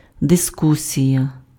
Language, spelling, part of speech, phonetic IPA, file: Ukrainian, дискусія, noun, [deˈskusʲijɐ], Uk-дискусія.ogg
- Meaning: discussion